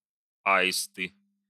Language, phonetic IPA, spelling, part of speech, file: Russian, [ˈaɪstɨ], аисты, noun, Ru-аисты.ogg
- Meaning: nominative plural of а́ист (áist)